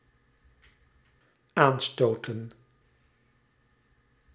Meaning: 1. to bump into (something), to collide with 2. to nudge someone to get their attention
- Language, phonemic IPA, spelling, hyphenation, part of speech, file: Dutch, /ˈaːnˌstoːtə(n)/, aanstoten, aan‧sto‧ten, verb, Nl-aanstoten.ogg